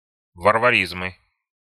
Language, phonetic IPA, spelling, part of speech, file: Russian, [vərvɐˈrʲizmɨ], варваризмы, noun, Ru-варваризмы.ogg
- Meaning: nominative/accusative plural of варвари́зм (varvarízm)